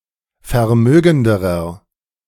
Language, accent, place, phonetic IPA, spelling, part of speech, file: German, Germany, Berlin, [fɛɐ̯ˈmøːɡn̩dəʁɐ], vermögenderer, adjective, De-vermögenderer.ogg
- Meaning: inflection of vermögend: 1. strong/mixed nominative masculine singular comparative degree 2. strong genitive/dative feminine singular comparative degree 3. strong genitive plural comparative degree